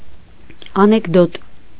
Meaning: anecdote, short funny story, joke
- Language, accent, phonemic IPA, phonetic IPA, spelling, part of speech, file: Armenian, Eastern Armenian, /ɑnekˈdot/, [ɑnekdót], անեկդոտ, noun, Hy-անեկդոտ.ogg